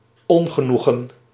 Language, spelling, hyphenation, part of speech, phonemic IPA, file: Dutch, ongenoegen, on‧ge‧noe‧gen, noun, /ˈɔŋɣəˌnuɣə(n)/, Nl-ongenoegen.ogg
- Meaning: 1. chagrin (distress from failure; vexation or mortification) 2. dysphoria (state of feeling unwell, unhappy, restless or depressed) 3. disdain (feeling of contempt or scorn)